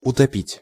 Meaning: 1. to sink 2. to drown 3. to hide, to drown 4. to drown (one's sorrows, etc.), to stifle 5. to defame, to destroy, to ruin (someone) 6. to sink (a nail) so it is flush with the surface
- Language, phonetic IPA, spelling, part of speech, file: Russian, [ʊtɐˈpʲitʲ], утопить, verb, Ru-утопить.ogg